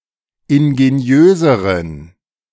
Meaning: inflection of ingeniös: 1. strong genitive masculine/neuter singular comparative degree 2. weak/mixed genitive/dative all-gender singular comparative degree
- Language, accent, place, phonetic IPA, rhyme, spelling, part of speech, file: German, Germany, Berlin, [ɪnɡeˈni̯øːzəʁən], -øːzəʁən, ingeniöseren, adjective, De-ingeniöseren.ogg